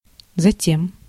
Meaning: 1. then, thereupon, after that 2. for that purpose, that’s why
- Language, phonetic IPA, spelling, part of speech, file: Russian, [zɐˈtʲem], затем, adverb, Ru-затем.ogg